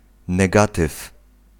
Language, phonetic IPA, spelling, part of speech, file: Polish, [nɛˈɡatɨf], negatyw, noun, Pl-negatyw.ogg